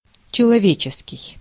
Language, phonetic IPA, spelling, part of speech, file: Russian, [t͡ɕɪɫɐˈvʲet͡ɕɪskʲɪj], человеческий, adjective, Ru-человеческий.ogg
- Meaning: 1. human 2. humane, sympathetic 3. decent, proper